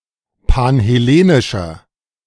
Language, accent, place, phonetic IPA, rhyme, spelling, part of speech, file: German, Germany, Berlin, [panhɛˈleːnɪʃɐ], -eːnɪʃɐ, panhellenischer, adjective, De-panhellenischer.ogg
- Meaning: inflection of panhellenisch: 1. strong/mixed nominative masculine singular 2. strong genitive/dative feminine singular 3. strong genitive plural